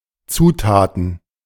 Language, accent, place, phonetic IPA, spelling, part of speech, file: German, Germany, Berlin, [ˈt͡suːtaːtn̩], Zutaten, noun, De-Zutaten.ogg
- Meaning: plural of Zutat